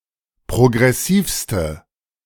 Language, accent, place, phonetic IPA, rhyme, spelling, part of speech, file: German, Germany, Berlin, [pʁoɡʁɛˈsiːfstə], -iːfstə, progressivste, adjective, De-progressivste.ogg
- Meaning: inflection of progressiv: 1. strong/mixed nominative/accusative feminine singular superlative degree 2. strong nominative/accusative plural superlative degree